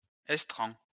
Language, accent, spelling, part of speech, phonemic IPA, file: French, France, estran, noun, /ɛs.tʁɑ̃/, LL-Q150 (fra)-estran.wav
- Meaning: intertidal zone, foreshore